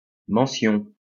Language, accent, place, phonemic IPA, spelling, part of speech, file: French, France, Lyon, /mɑ̃.sjɔ̃/, mention, noun, LL-Q150 (fra)-mention.wav
- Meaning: 1. mention (act of mentioning) 2. slogan